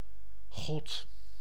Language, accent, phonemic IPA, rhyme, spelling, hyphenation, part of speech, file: Dutch, Netherlands, /ɣɔt/, -ɔt, God, God, proper noun, Nl-God.ogg
- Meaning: God